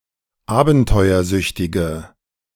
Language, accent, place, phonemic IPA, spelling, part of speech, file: German, Germany, Berlin, /ˈaːbn̩tɔɪ̯ɐˌzʏçtɪɡə/, abenteuersüchtige, adjective, De-abenteuersüchtige.ogg
- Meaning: inflection of abenteuersüchtig: 1. strong/mixed nominative/accusative feminine singular 2. strong nominative/accusative plural 3. weak nominative all-gender singular